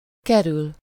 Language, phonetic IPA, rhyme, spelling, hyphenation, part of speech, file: Hungarian, [ˈkɛryl], -yl, kerül, ke‧rül, verb, Hu-kerül.ogg
- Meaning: 1. to get (to somewhere, to a location or into a situation, with lative suffixes) 2. to detour, to go on a byway (to go on a longer way than the shortest) 3. to avoid someone or something